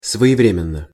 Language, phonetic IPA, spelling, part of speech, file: Russian, [svə(j)ɪˈvrʲemʲɪn(ː)ə], своевременно, adverb / adjective, Ru-своевременно.ogg
- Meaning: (adverb) in time; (adjective) short neuter singular of своевре́менный (svojevrémennyj)